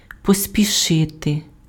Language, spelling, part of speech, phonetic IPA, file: Ukrainian, поспішити, verb, [pɔsʲpʲiˈʃɪte], Uk-поспішити.ogg
- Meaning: to hurry, to hasten, to make haste